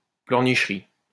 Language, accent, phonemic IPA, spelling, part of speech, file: French, France, /plœʁ.niʃ.ʁi/, pleurnicherie, noun, LL-Q150 (fra)-pleurnicherie.wav
- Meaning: whine